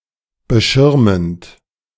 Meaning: present participle of beschirmen
- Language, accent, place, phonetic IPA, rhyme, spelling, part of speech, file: German, Germany, Berlin, [bəˈʃɪʁmənt], -ɪʁmənt, beschirmend, verb, De-beschirmend.ogg